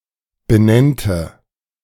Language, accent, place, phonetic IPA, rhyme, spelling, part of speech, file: German, Germany, Berlin, [bəˈnɛntə], -ɛntə, benennte, verb, De-benennte.ogg
- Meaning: first/third-person singular subjunctive II of benennen